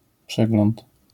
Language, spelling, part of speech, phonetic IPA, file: Polish, przegląd, noun, [ˈpʃɛɡlɔ̃nt], LL-Q809 (pol)-przegląd.wav